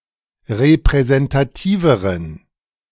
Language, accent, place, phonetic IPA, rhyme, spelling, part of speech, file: German, Germany, Berlin, [ʁepʁɛzɛntaˈtiːvəʁən], -iːvəʁən, repräsentativeren, adjective, De-repräsentativeren.ogg
- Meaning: inflection of repräsentativ: 1. strong genitive masculine/neuter singular comparative degree 2. weak/mixed genitive/dative all-gender singular comparative degree